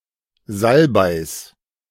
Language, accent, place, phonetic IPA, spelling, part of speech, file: German, Germany, Berlin, [ˈzalbaɪ̯s], Salbeis, noun, De-Salbeis.ogg
- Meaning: genitive singular of Salbei